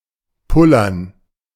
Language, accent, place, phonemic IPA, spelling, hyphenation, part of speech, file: German, Germany, Berlin, /ˈpʊlɐn/, pullern, pul‧lern, verb, De-pullern.ogg
- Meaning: to pee